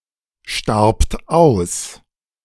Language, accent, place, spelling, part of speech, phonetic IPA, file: German, Germany, Berlin, starbt aus, verb, [ˌʃtaʁpt ˈaʊ̯s], De-starbt aus.ogg
- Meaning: second-person plural preterite of aussterben